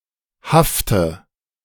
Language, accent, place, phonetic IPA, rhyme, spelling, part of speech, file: German, Germany, Berlin, [ˈhaftə], -aftə, hafte, verb, De-hafte.ogg
- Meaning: inflection of haften: 1. first-person singular present 2. first/third-person singular subjunctive I 3. singular imperative